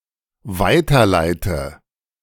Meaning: inflection of weiterleiten: 1. first-person singular dependent present 2. first/third-person singular dependent subjunctive I
- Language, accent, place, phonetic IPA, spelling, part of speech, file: German, Germany, Berlin, [ˈvaɪ̯tɐˌlaɪ̯tə], weiterleite, verb, De-weiterleite.ogg